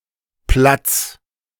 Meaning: singular imperative of platzen
- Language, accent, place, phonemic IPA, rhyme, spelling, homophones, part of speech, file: German, Germany, Berlin, /plats/, -ats, platz, Platts / Platz, verb, De-platz.ogg